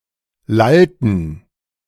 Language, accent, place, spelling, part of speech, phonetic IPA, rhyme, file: German, Germany, Berlin, lallten, verb, [ˈlaltn̩], -altn̩, De-lallten.ogg
- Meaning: inflection of lallen: 1. first/third-person plural preterite 2. first/third-person plural subjunctive II